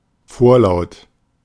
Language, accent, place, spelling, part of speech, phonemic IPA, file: German, Germany, Berlin, vorlaut, adjective, /ˈfoːɐ̯ˌlaʊ̯t/, De-vorlaut.ogg
- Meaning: cheeky, impertinent